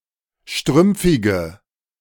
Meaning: inflection of strümpfig: 1. strong/mixed nominative/accusative feminine singular 2. strong nominative/accusative plural 3. weak nominative all-gender singular
- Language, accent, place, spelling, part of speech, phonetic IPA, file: German, Germany, Berlin, strümpfige, adjective, [ˈʃtʁʏmp͡fɪɡə], De-strümpfige.ogg